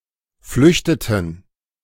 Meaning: inflection of flüchten: 1. first/third-person plural preterite 2. first/third-person plural subjunctive II
- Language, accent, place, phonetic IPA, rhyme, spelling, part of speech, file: German, Germany, Berlin, [ˈflʏçtətn̩], -ʏçtətn̩, flüchteten, verb, De-flüchteten.ogg